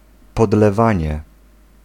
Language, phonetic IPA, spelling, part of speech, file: Polish, [ˌpɔdlɛˈvãɲɛ], podlewanie, noun, Pl-podlewanie.ogg